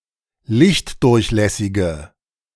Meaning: inflection of lichtdurchlässig: 1. strong/mixed nominative/accusative feminine singular 2. strong nominative/accusative plural 3. weak nominative all-gender singular
- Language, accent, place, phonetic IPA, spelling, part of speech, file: German, Germany, Berlin, [ˈlɪçtˌdʊʁçlɛsɪɡə], lichtdurchlässige, adjective, De-lichtdurchlässige.ogg